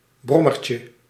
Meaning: diminutive of brommer
- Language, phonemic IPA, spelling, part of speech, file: Dutch, /ˈbrɔmərcə/, brommertje, noun, Nl-brommertje.ogg